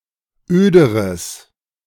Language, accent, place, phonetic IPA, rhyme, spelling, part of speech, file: German, Germany, Berlin, [ˈøːdəʁəs], -øːdəʁəs, öderes, adjective, De-öderes.ogg
- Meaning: strong/mixed nominative/accusative neuter singular comparative degree of öd